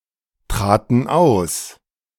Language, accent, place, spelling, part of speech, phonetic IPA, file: German, Germany, Berlin, traten aus, verb, [ˌtʁaːtn̩ ˈaʊ̯s], De-traten aus.ogg
- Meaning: first/third-person plural preterite of austreten